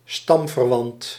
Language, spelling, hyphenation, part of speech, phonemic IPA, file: Dutch, stamverwant, stam‧ver‧want, noun / adjective, /ˈstɑm.vərˌʋɑnt/, Nl-stamverwant.ogg
- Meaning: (noun) 1. someone of related origin 2. someone of the same tribe; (adjective) 1. related, germane in descent 2. of the same tribe